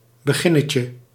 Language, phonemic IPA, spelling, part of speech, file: Dutch, /bəˈɣɪnəcə/, beginnetje, noun, Nl-beginnetje.ogg
- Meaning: 1. diminutive of begin 2. stub